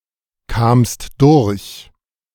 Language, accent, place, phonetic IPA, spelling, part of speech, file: German, Germany, Berlin, [ˌkaːmst ˈdʊʁç], kamst durch, verb, De-kamst durch.ogg
- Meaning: second-person singular preterite of durchkommen